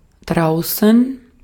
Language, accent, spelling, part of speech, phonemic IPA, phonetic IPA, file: German, Austria, draußen, adverb, /ˈdraʊ̯sən/, [ˈdʁaʊ̯sn̩], De-at-draußen.ogg
- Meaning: 1. outside 2. out there